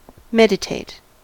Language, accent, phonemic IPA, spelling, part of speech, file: English, US, /ˈmɛ.dɪˌteɪt/, meditate, verb / adjective, En-us-meditate.ogg
- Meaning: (verb) 1. To contemplate; to keep the mind fixed upon something; to study 2. To sit or lie down and come to a deep rest while still remaining conscious 3. To consider; to reflect on